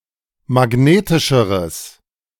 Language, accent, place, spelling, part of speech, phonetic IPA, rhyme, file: German, Germany, Berlin, magnetischeres, adjective, [maˈɡneːtɪʃəʁəs], -eːtɪʃəʁəs, De-magnetischeres.ogg
- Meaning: strong/mixed nominative/accusative neuter singular comparative degree of magnetisch